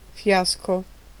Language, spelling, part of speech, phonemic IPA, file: Italian, fiasco, noun, /ˈfjasko/, It-fiasco.ogg